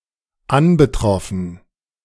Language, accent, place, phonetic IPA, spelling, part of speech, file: German, Germany, Berlin, [ˈanbəˌtʁɔfn̩], anbetroffen, verb, De-anbetroffen.ogg
- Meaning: past participle of anbetreffen